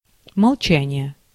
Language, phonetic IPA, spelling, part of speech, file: Russian, [mɐɫˈt͡ɕænʲɪje], молчание, noun, Ru-молчание.ogg
- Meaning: silence (action or state of remaining silent; that is, abstention from speech, utterances, or the use of the voice)